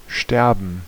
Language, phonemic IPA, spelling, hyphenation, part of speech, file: German, /ˈʃtɛrbən/, sterben, ster‧ben, verb, De-sterben.ogg
- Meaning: to die